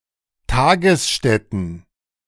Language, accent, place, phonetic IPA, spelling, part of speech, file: German, Germany, Berlin, [ˈtaːɡəsˌʃtɛtn̩], Tagesstätten, noun, De-Tagesstätten.ogg
- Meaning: plural of Tagesstätte